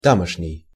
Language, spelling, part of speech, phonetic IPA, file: Russian, тамошний, adjective, [ˈtaməʂnʲɪj], Ru-тамошний.ogg
- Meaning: of that place, of those places, local